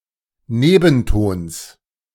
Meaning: genitive singular of Nebenton
- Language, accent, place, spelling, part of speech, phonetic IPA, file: German, Germany, Berlin, Nebentons, noun, [ˈneːbn̩ˌtoːns], De-Nebentons.ogg